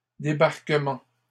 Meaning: plural of débarquement
- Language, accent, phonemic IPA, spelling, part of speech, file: French, Canada, /de.baʁ.kə.mɑ̃/, débarquements, noun, LL-Q150 (fra)-débarquements.wav